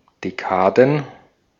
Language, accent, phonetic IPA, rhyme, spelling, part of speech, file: German, Austria, [deˈkaːdn̩], -aːdn̩, Dekaden, noun, De-at-Dekaden.ogg
- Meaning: plural of Dekade